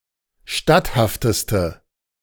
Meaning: inflection of statthaft: 1. strong/mixed nominative/accusative feminine singular superlative degree 2. strong nominative/accusative plural superlative degree
- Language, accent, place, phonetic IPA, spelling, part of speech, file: German, Germany, Berlin, [ˈʃtathaftəstə], statthafteste, adjective, De-statthafteste.ogg